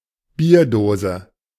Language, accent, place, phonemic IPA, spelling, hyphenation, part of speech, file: German, Germany, Berlin, /ˈbiːɐ̯doːzə/, Bierdose, Bier‧do‧se, noun, De-Bierdose.ogg
- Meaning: beer can